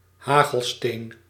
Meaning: hailstone
- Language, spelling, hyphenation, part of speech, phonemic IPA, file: Dutch, hagelsteen, ha‧gel‧steen, noun, /ˈɦaː.ɣəlˌsteːn/, Nl-hagelsteen.ogg